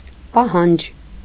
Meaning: demand, claim
- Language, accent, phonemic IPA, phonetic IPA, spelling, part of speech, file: Armenian, Eastern Armenian, /pɑˈhɑnd͡ʒ/, [pɑhɑ́nd͡ʒ], պահանջ, noun, Hy-պահանջ.ogg